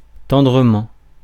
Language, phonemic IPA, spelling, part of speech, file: French, /tɑ̃.dʁə.mɑ̃/, tendrement, adverb, Fr-tendrement.ogg
- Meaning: tenderly; lovingly